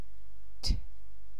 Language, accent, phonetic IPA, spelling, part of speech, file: Persian, Iran, [t̪ʰɒː], ط, character, Fa-ط.ogg
- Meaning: The nineteenth letter of the Persian alphabet, called طا and written in the Arabic script; preceded by ض and followed by ظ